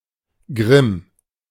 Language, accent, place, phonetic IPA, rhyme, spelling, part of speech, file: German, Germany, Berlin, [ɡʁɪm], -ɪm, Grimm, noun / proper noun, De-Grimm.ogg
- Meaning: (noun) wrath, deep-rooted anger, rage; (proper noun) a surname